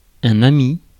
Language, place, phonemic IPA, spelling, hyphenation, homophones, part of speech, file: French, Paris, /a.mi/, ami, ami, amict / amicts / amie / amies / amis, noun, Fr-ami.ogg
- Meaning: friend (one who is affectionately attached to another)